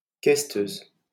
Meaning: female equivalent of questeur
- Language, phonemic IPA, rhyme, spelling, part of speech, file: French, /kɛs.tøz/, -øz, questeuse, noun, LL-Q150 (fra)-questeuse.wav